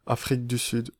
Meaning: South Africa (a country in Southern Africa)
- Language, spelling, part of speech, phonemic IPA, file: French, Afrique du Sud, proper noun, /a.fʁik dy syd/, Fr-Afrique du Sud.ogg